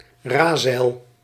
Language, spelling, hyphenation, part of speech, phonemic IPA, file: Dutch, razeil, ra‧zeil, noun, /ˈraː.zɛi̯l/, Nl-razeil.ogg
- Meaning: a rectangular sail that is rigged to a spar